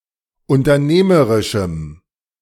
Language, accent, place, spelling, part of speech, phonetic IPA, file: German, Germany, Berlin, unternehmerischem, adjective, [ʊntɐˈneːməʁɪʃm̩], De-unternehmerischem.ogg
- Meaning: strong dative masculine/neuter singular of unternehmerisch